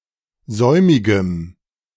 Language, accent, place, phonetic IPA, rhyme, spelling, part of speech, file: German, Germany, Berlin, [ˈzɔɪ̯mɪɡəm], -ɔɪ̯mɪɡəm, säumigem, adjective, De-säumigem.ogg
- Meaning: strong dative masculine/neuter singular of säumig